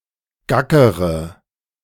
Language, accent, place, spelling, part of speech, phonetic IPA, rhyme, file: German, Germany, Berlin, gackere, verb, [ˈɡakəʁə], -akəʁə, De-gackere.ogg
- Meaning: inflection of gackern: 1. first-person singular present 2. first/third-person singular subjunctive I 3. singular imperative